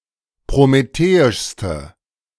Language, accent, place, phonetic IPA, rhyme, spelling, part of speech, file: German, Germany, Berlin, [pʁomeˈteːɪʃstə], -eːɪʃstə, prometheischste, adjective, De-prometheischste.ogg
- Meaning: inflection of prometheisch: 1. strong/mixed nominative/accusative feminine singular superlative degree 2. strong nominative/accusative plural superlative degree